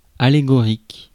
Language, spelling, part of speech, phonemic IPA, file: French, allégorique, adjective, /a.le.ɡɔ.ʁik/, Fr-allégorique.ogg
- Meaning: allegoric, allegorical